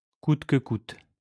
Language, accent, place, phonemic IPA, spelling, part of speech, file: French, France, Lyon, /kut kə kut/, coûte que coûte, adverb, LL-Q150 (fra)-coûte que coûte.wav
- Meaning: at all costs, by hook or by crook, by any means, no matter what